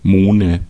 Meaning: nominative/accusative/genitive plural of Mohn
- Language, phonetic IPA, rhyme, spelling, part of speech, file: German, [ˈmoːnə], -oːnə, Mohne, noun, De-Mohne.ogg